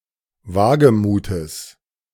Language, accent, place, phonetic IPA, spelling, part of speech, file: German, Germany, Berlin, [ˈvaːɡəˌmuːtəs], Wagemutes, noun, De-Wagemutes.ogg
- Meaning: genitive singular of Wagemut